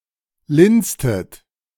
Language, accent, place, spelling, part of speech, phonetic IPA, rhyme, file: German, Germany, Berlin, linstet, verb, [ˈlɪnstət], -ɪnstət, De-linstet.ogg
- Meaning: inflection of linsen: 1. second-person plural preterite 2. second-person plural subjunctive II